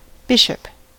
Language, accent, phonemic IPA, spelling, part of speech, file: English, US, /ˈbɪʃəp/, bishop, noun / verb, En-us-bishop.ogg